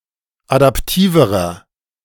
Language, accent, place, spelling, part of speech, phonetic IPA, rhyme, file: German, Germany, Berlin, adaptiverer, adjective, [adapˈtiːvəʁɐ], -iːvəʁɐ, De-adaptiverer.ogg
- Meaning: inflection of adaptiv: 1. strong/mixed nominative masculine singular comparative degree 2. strong genitive/dative feminine singular comparative degree 3. strong genitive plural comparative degree